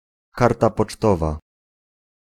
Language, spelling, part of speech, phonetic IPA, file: Polish, karta pocztowa, noun, [ˈkarta pɔt͡ʃˈtɔva], Pl-karta pocztowa.ogg